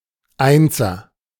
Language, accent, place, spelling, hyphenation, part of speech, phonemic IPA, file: German, Germany, Berlin, Einser, Ein‧ser, noun, /ˈaɪ̯nzɐ/, De-Einser.ogg
- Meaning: 1. someone or something marked with or defined by the number one 2. alternative form of Eins (“digit, school mark”)